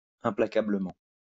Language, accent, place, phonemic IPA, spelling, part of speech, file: French, France, Lyon, /ɛ̃.pla.ka.blə.mɑ̃/, implacablement, adverb, LL-Q150 (fra)-implacablement.wav
- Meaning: implacably